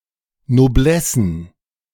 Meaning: plural of Noblesse
- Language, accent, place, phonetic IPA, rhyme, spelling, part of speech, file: German, Germany, Berlin, [noˈblɛsn̩], -ɛsn̩, Noblessen, noun, De-Noblessen.ogg